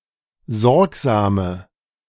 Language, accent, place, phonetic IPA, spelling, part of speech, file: German, Germany, Berlin, [ˈzɔʁkzaːmə], sorgsame, adjective, De-sorgsame.ogg
- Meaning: inflection of sorgsam: 1. strong/mixed nominative/accusative feminine singular 2. strong nominative/accusative plural 3. weak nominative all-gender singular 4. weak accusative feminine/neuter singular